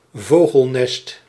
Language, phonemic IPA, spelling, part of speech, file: Dutch, /ˈvoɣəlˌnɛst/, vogelnest, noun, Nl-vogelnest.ogg
- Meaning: birdnest, bird-nest, bird's nest